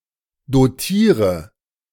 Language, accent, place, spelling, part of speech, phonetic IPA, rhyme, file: German, Germany, Berlin, dotiere, verb, [doˈtiːʁə], -iːʁə, De-dotiere.ogg
- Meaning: inflection of dotieren: 1. first-person singular present 2. first/third-person singular subjunctive I 3. singular imperative